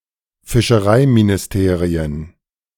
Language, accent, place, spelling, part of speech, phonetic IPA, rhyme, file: German, Germany, Berlin, Fischereiministerien, noun, [fɪʃəˈʁaɪ̯minɪsˌteːʁiən], -aɪ̯minɪsteːʁiən, De-Fischereiministerien.ogg
- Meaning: plural of Fischereiministerium